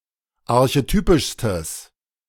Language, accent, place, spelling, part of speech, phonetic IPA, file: German, Germany, Berlin, archetypischstes, adjective, [aʁçeˈtyːpɪʃstəs], De-archetypischstes.ogg
- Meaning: strong/mixed nominative/accusative neuter singular superlative degree of archetypisch